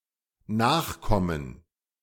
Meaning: inflection of Nachkomme: 1. genitive/dative/accusative singular 2. nominative/genitive/dative/accusative plural
- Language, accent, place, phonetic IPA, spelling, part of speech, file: German, Germany, Berlin, [ˈnaːxˌkɔmən], Nachkommen, noun, De-Nachkommen.ogg